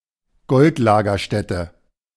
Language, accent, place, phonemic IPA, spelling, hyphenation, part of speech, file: German, Germany, Berlin, /ˈɡɔltˌlaːɡɐʃtɛtə/, Goldlagerstätte, Gold‧la‧ger‧stät‧te, noun, De-Goldlagerstätte.ogg
- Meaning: gold deposit